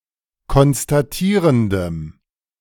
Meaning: strong dative masculine/neuter singular of konstatierend
- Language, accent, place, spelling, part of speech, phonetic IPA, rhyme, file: German, Germany, Berlin, konstatierendem, adjective, [kɔnstaˈtiːʁəndəm], -iːʁəndəm, De-konstatierendem.ogg